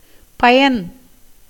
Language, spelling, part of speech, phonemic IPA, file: Tamil, பயன், noun, /pɐjɐn/, Ta-பயன்.ogg
- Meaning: 1. use, benefit 2. result (of an action); consequence 3. meaning, signification 4. wealth 5. width, breadth, extent